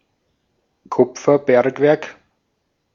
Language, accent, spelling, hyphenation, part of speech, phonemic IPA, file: German, Austria, Kupferbergwerk, Kup‧fer‧berg‧werk, noun, /ˈkʊp͡fɐˌbɛɐ̯kvɛɐ̯k/, De-at-Kupferbergwerk.ogg
- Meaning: copper mine